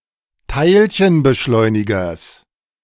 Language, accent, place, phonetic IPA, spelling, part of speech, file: German, Germany, Berlin, [ˈtaɪ̯lçənbəˌʃlɔɪ̯nɪɡɐs], Teilchenbeschleunigers, noun, De-Teilchenbeschleunigers.ogg
- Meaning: genitive singular of Teilchenbeschleuniger